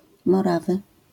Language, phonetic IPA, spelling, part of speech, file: Polish, [mɔˈravɨ], Morawy, proper noun / noun, LL-Q809 (pol)-Morawy.wav